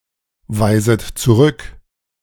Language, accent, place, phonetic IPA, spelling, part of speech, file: German, Germany, Berlin, [ˌvaɪ̯zət t͡suˈʁʏk], weiset zurück, verb, De-weiset zurück.ogg
- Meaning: second-person plural subjunctive I of zurückweisen